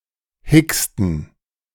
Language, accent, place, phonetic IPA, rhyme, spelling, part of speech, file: German, Germany, Berlin, [ˈhɪkstn̩], -ɪkstn̩, hicksten, verb, De-hicksten.ogg
- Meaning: inflection of hicksen: 1. first/third-person plural preterite 2. first/third-person plural subjunctive II